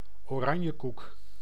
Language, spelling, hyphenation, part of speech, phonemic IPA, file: Dutch, oranjekoek, oran‧je‧koek, noun, /oːˈrɑn.jəˌkuk/, Nl-oranjekoek.ogg
- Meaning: a pastry of Frisian origin containing candied orange snippets and almond paste, with pink fondant and often whipped cream on the top